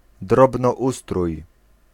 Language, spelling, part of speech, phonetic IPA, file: Polish, drobnoustrój, noun, [ˌdrɔbnɔˈʷustruj], Pl-drobnoustrój.ogg